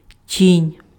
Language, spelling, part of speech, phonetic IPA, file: Ukrainian, тінь, noun, [tʲinʲ], Uk-тінь.ogg
- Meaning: shadow, shade